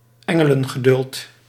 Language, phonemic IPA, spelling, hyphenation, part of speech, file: Dutch, /ˈɛ.ŋə.lə(n).ɣəˌdʏlt/, engelengeduld, en‧ge‧len‧ge‧duld, noun, Nl-engelengeduld.ogg
- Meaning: angelic patience, the patience of angels, the ability to be patient for a very long time